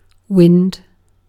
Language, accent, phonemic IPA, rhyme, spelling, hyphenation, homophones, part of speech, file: English, Received Pronunciation, /ˈwɪnd/, -ɪnd, wind, wind, winned, noun / verb, En-uk-wind.ogg
- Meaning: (noun) 1. Real or perceived movement of atmospheric air usually caused by convection or differences in air pressure 2. Air artificially put in motion by any force or action